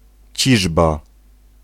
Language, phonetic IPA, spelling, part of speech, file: Polish, [ˈt͡ɕiʒba], ciżba, noun, Pl-ciżba.ogg